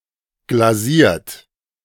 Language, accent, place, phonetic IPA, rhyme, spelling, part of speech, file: German, Germany, Berlin, [ɡlaˈziːɐ̯t], -iːɐ̯t, glasiert, verb, De-glasiert.ogg
- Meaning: 1. past participle of glasieren 2. inflection of glasieren: third-person singular present 3. inflection of glasieren: second-person plural present 4. inflection of glasieren: plural imperative